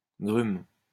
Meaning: log (wood)
- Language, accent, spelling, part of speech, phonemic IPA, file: French, France, grume, noun, /ɡʁym/, LL-Q150 (fra)-grume.wav